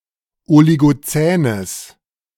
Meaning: strong/mixed nominative/accusative neuter singular of oligozän
- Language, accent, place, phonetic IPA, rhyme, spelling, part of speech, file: German, Germany, Berlin, [oliɡoˈt͡sɛːnəs], -ɛːnəs, oligozänes, adjective, De-oligozänes.ogg